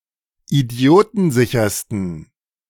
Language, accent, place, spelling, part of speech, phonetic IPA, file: German, Germany, Berlin, idiotensichersten, adjective, [iˈdi̯oːtn̩ˌzɪçɐstn̩], De-idiotensichersten.ogg
- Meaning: 1. superlative degree of idiotensicher 2. inflection of idiotensicher: strong genitive masculine/neuter singular superlative degree